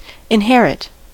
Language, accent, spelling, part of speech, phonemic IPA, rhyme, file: English, US, inherit, verb, /ɪnˈhɛɹɪt/, -ɛɹɪt, En-us-inherit.ogg
- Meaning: To receive (property, a title, etc.), by legal succession or bequest, usually after the previous owner's death